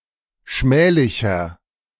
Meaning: 1. comparative degree of schmählich 2. inflection of schmählich: strong/mixed nominative masculine singular 3. inflection of schmählich: strong genitive/dative feminine singular
- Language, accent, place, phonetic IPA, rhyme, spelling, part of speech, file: German, Germany, Berlin, [ˈʃmɛːlɪçɐ], -ɛːlɪçɐ, schmählicher, adjective, De-schmählicher.ogg